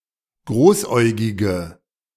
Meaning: inflection of großäugig: 1. strong/mixed nominative/accusative feminine singular 2. strong nominative/accusative plural 3. weak nominative all-gender singular
- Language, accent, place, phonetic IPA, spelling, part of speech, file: German, Germany, Berlin, [ˈɡʁoːsˌʔɔɪ̯ɡɪɡə], großäugige, adjective, De-großäugige.ogg